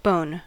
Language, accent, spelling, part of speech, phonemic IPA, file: English, General American, bone, noun / adjective / verb / adverb, /boʊn/, En-us-bone.ogg
- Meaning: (noun) 1. A composite material consisting largely of calcium phosphate and collagen and making up the skeleton of most vertebrates 2. Any of the components of an endoskeleton, made of this material